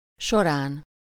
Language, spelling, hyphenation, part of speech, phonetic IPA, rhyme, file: Hungarian, során, so‧rán, postposition / noun, [ˈʃoraːn], -aːn, Hu-során.ogg
- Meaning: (postposition) during, in the course of, over; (noun) superessive singular of sora